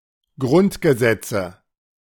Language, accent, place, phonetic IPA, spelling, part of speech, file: German, Germany, Berlin, [ˈɡʁʊntɡəˌzɛt͡sə], Grundgesetze, noun, De-Grundgesetze.ogg
- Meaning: nominative/accusative/genitive plural of Grundgesetz